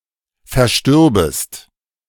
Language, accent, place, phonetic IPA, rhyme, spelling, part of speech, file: German, Germany, Berlin, [fɛɐ̯ˈʃtʏʁbəst], -ʏʁbəst, verstürbest, verb, De-verstürbest.ogg
- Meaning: second-person singular subjunctive II of versterben